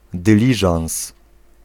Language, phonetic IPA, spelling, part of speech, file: Polish, [dɨˈlʲiʒãw̃s], dyliżans, noun, Pl-dyliżans.ogg